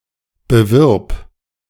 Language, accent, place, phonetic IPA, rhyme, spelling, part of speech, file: German, Germany, Berlin, [bəˈvɪʁp], -ɪʁp, bewirb, verb, De-bewirb.ogg
- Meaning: singular imperative of bewerben